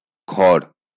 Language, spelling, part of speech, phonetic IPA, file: Bengali, খড়, noun, [kʰɔɽ], LL-Q9610 (ben)-খড়.wav
- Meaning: straw